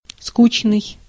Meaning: 1. dull, boring, tedious, tiresome (inciting boredom) 2. bored, listless
- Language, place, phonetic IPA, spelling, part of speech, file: Russian, Saint Petersburg, [ˈskut͡ɕnɨj], скучный, adjective, Ru-скучный.ogg